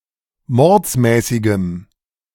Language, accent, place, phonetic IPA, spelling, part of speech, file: German, Germany, Berlin, [ˈmɔʁt͡smɛːsɪɡəm], mordsmäßigem, adjective, De-mordsmäßigem.ogg
- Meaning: strong dative masculine/neuter singular of mordsmäßig